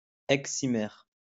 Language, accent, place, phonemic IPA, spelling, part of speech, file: French, France, Lyon, /ɛk.si.mɛʁ/, excimère, noun, LL-Q150 (fra)-excimère.wav
- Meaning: excimer